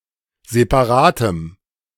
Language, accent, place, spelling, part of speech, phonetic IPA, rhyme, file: German, Germany, Berlin, separatem, adjective, [zepaˈʁaːtəm], -aːtəm, De-separatem.ogg
- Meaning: strong dative masculine/neuter singular of separat